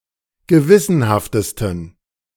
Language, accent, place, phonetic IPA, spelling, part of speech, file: German, Germany, Berlin, [ɡəˈvɪsənhaftəstn̩], gewissenhaftesten, adjective, De-gewissenhaftesten.ogg
- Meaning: 1. superlative degree of gewissenhaft 2. inflection of gewissenhaft: strong genitive masculine/neuter singular superlative degree